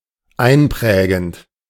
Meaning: present participle of einprägen
- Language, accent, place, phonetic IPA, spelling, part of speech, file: German, Germany, Berlin, [ˈaɪ̯nˌpʁɛːɡn̩t], einprägend, verb, De-einprägend.ogg